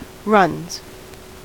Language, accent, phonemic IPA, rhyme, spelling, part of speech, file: English, US, /ɹʌnz/, -ʌnz, runs, noun / verb, En-us-runs.ogg
- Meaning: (noun) 1. plural of run 2. Diarrhea/diarrhoea; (verb) third-person singular simple present indicative of run